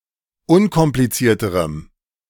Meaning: strong dative masculine/neuter singular comparative degree of unkompliziert
- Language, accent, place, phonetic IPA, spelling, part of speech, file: German, Germany, Berlin, [ˈʊnkɔmplit͡siːɐ̯təʁəm], unkomplizierterem, adjective, De-unkomplizierterem.ogg